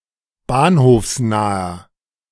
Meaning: inflection of bahnhofsnah: 1. strong/mixed nominative masculine singular 2. strong genitive/dative feminine singular 3. strong genitive plural
- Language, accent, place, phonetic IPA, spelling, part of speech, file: German, Germany, Berlin, [ˈbaːnhoːfsˌnaːɐ], bahnhofsnaher, adjective, De-bahnhofsnaher.ogg